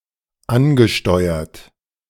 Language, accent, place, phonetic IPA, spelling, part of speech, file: German, Germany, Berlin, [ˈanɡəˌʃtɔɪ̯ɐt], angesteuert, verb, De-angesteuert.ogg
- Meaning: past participle of ansteuern